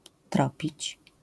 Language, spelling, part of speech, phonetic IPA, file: Polish, tropić, verb, [ˈtrɔpʲit͡ɕ], LL-Q809 (pol)-tropić.wav